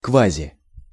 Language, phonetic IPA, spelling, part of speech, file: Russian, [ˌkvazʲɪ], квази-, prefix, Ru-квази-.ogg
- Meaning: pseudo-